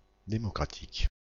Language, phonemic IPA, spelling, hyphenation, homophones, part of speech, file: French, /de.mɔ.kʁa.tik/, démocratique, dé‧mo‧cra‧tique, démocratiques, adjective, FR-démocratique.ogg
- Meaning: democratic